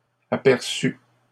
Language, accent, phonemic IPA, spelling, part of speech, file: French, Canada, /a.pɛʁ.sy/, aperçue, verb, LL-Q150 (fra)-aperçue.wav
- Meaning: feminine singular of aperçu